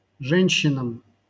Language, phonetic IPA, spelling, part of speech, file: Russian, [ˈʐɛnʲɕːɪnəm], женщинам, noun, LL-Q7737 (rus)-женщинам.wav
- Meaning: dative plural of же́нщина (žénščina)